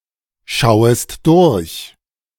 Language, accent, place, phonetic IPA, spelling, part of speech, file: German, Germany, Berlin, [ˌʃaʊ̯əst ˈdʊʁç], schauest durch, verb, De-schauest durch.ogg
- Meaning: second-person singular subjunctive I of durchschauen